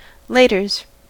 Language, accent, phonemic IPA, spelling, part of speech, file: English, General American, /ˈleɪtɚz/, laters, interjection, En-us-laters.ogg
- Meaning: See you later; an expression used at parting